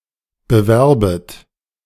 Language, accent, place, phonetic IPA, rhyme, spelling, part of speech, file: German, Germany, Berlin, [bəˈvɛʁbət], -ɛʁbət, bewerbet, verb, De-bewerbet.ogg
- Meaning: second-person plural subjunctive I of bewerben